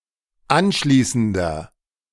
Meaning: inflection of anschließend: 1. strong/mixed nominative masculine singular 2. strong genitive/dative feminine singular 3. strong genitive plural
- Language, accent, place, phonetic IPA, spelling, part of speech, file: German, Germany, Berlin, [ˈanˌʃliːsn̩dɐ], anschließender, adjective, De-anschließender.ogg